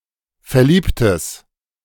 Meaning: strong/mixed nominative/accusative neuter singular of verliebt
- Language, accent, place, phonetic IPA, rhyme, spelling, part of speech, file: German, Germany, Berlin, [fɛɐ̯ˈliːptəs], -iːptəs, verliebtes, adjective, De-verliebtes.ogg